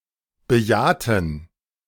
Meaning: inflection of bejahen: 1. first/third-person plural preterite 2. first/third-person plural subjunctive II
- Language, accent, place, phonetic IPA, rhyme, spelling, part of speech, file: German, Germany, Berlin, [bəˈjaːtn̩], -aːtn̩, bejahten, adjective / verb, De-bejahten.ogg